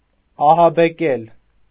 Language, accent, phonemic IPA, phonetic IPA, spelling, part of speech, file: Armenian, Eastern Armenian, /ɑhɑbeˈkel/, [ɑhɑbekél], ահաբեկել, verb, Hy-ահաբեկել.ogg
- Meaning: 1. to scare, to frighten, to terrify 2. to terrorize